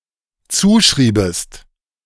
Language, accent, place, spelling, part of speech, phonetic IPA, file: German, Germany, Berlin, zuschriebest, verb, [ˈt͡suːˌʃʁiːbəst], De-zuschriebest.ogg
- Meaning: second-person singular dependent subjunctive II of zuschreiben